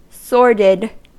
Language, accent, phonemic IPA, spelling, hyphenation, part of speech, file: English, US, /ˈsɔɹdɪd/, sordid, sor‧did, adjective, En-us-sordid.ogg
- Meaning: 1. Distasteful, ignoble, vile, or contemptible 2. Dirty or squalid 3. Morally degrading 4. Grasping; stingy; avaricious 5. Of a dull colour